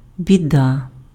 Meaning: misfortune, trouble
- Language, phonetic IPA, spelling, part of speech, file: Ukrainian, [bʲiˈda], біда, noun, Uk-біда.ogg